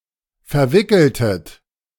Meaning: inflection of verwickeln: 1. second-person plural preterite 2. second-person plural subjunctive II
- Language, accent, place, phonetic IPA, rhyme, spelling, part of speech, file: German, Germany, Berlin, [fɛɐ̯ˈvɪkl̩tət], -ɪkl̩tət, verwickeltet, verb, De-verwickeltet.ogg